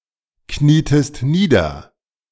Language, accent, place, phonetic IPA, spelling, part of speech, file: German, Germany, Berlin, [ˌkniːtəst ˈniːdɐ], knietest nieder, verb, De-knietest nieder.ogg
- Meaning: inflection of niederknieen: 1. second-person singular preterite 2. second-person singular subjunctive II